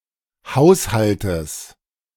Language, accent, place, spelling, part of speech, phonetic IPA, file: German, Germany, Berlin, Haushaltes, noun, [ˈhaʊ̯shaltəs], De-Haushaltes.ogg
- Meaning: genitive singular of Haushalt